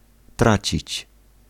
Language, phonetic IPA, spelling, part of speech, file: Polish, [ˈtrat͡ɕit͡ɕ], tracić, verb, Pl-tracić.ogg